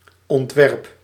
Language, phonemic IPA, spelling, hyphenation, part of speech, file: Dutch, /ɔntˈwɛrᵊp/, ontwerp, ont‧werp, noun / verb, Nl-ontwerp.ogg
- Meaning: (noun) design, plan, draft; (verb) inflection of ontwerpen: 1. first-person singular present indicative 2. second-person singular present indicative 3. imperative